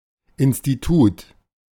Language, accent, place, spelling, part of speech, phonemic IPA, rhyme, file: German, Germany, Berlin, Institut, noun, /ɪn.stiˈtuːt/, -uːt, De-Institut.ogg
- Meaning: 1. institute (independent research institution) 2. department (subdivision of a faculty)